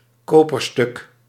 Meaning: 1. copper coin 2. engraved copper plate
- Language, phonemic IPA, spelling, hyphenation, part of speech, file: Dutch, /ˈkoː.pərˌstʏk/, koperstuk, ko‧per‧stuk, noun, Nl-koperstuk.ogg